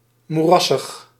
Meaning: morassy, swampy, marshy, boggy
- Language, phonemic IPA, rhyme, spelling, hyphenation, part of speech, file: Dutch, /ˌmuˈrɑ.səx/, -ɑsəx, moerassig, moe‧ras‧sig, adjective, Nl-moerassig.ogg